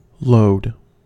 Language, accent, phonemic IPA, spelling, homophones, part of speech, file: English, US, /loʊd/, load, lode / lowed, noun / verb, En-us-load.ogg
- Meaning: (noun) 1. A burden; a weight to be carried 2. A worry or concern to be endured, especially in the phrase a load off one's mind